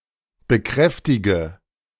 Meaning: inflection of bekräftigen: 1. first-person singular present 2. first/third-person singular subjunctive I 3. singular imperative
- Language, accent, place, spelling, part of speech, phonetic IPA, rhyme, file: German, Germany, Berlin, bekräftige, verb, [bəˈkʁɛftɪɡə], -ɛftɪɡə, De-bekräftige.ogg